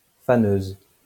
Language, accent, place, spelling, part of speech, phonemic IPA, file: French, France, Lyon, faneuse, noun, /fa.nøz/, LL-Q150 (fra)-faneuse.wav
- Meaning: 1. female equivalent of faneur: female haymaker 2. tedder (machine for stirring and spreading hay, to facilitate its drying)